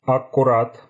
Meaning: exactly, precisely
- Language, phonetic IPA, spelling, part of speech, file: Russian, [ɐk(ː)ʊˈrat], аккурат, adverb, Ru-аккурат.ogg